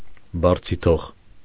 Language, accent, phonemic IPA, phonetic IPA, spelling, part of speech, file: Armenian, Eastern Armenian, /bɑɾt͡sʰiˈtʰoʁ/, [bɑɾt͡sʰitʰóʁ], բարձիթող, adjective, Hy-բարձիթող.ogg
- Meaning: alternative form of բարձիթողի (barjitʻoġi)